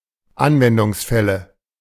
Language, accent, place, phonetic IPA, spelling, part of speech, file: German, Germany, Berlin, [ˈanvɛndʊŋsˌfɛlə], Anwendungsfälle, noun, De-Anwendungsfälle.ogg
- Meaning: nominative/accusative/genitive plural of Anwendungsfall